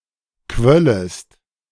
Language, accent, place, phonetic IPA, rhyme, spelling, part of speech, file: German, Germany, Berlin, [ˈkvœləst], -œləst, quöllest, verb, De-quöllest.ogg
- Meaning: second-person singular subjunctive II of quellen